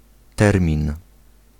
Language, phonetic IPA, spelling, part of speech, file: Polish, [ˈtɛrmʲĩn], termin, noun, Pl-termin.ogg